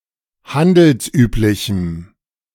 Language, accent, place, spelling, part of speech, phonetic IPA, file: German, Germany, Berlin, handelsüblichem, adjective, [ˈhandl̩sˌʔyːplɪçm̩], De-handelsüblichem.ogg
- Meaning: strong dative masculine/neuter singular of handelsüblich